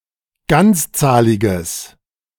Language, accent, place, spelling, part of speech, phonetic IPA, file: German, Germany, Berlin, ganzzahliges, adjective, [ˈɡant͡sˌt͡saːlɪɡəs], De-ganzzahliges.ogg
- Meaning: strong/mixed nominative/accusative neuter singular of ganzzahlig